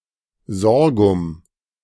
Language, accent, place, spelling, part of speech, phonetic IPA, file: German, Germany, Berlin, Sorghum, noun, [ˈzɔʁɡʊm], De-Sorghum.ogg
- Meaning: sorghum (a kind of plant by genus)